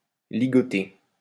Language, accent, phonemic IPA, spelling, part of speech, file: French, France, /li.ɡɔ.te/, ligoter, verb, LL-Q150 (fra)-ligoter.wav
- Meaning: to bind, tie up